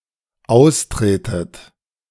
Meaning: inflection of austreten: 1. second-person plural dependent present 2. second-person plural dependent subjunctive I
- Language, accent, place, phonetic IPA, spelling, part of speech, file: German, Germany, Berlin, [ˈaʊ̯sˌtʁeːtət], austretet, verb, De-austretet.ogg